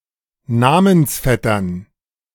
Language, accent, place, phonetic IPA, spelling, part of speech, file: German, Germany, Berlin, [ˈnamənsˌfɛtɐn], Namensvettern, noun, De-Namensvettern.ogg
- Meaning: dative plural of Namensvetter